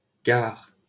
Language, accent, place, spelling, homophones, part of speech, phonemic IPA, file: French, France, Paris, Gard, gare, proper noun, /ɡaʁ/, LL-Q150 (fra)-Gard.wav
- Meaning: 1. Gard (a department of Occitania, France) 2. Gardon, Gard (a right tributary of the Rhône flowing through the departments of Lozère and Gard, in southern France)